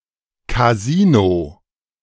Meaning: 1. casino 2. officers' mess
- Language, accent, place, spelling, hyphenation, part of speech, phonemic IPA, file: German, Germany, Berlin, Kasino, Ka‧si‧no, noun, /kaˈziːno/, De-Kasino.ogg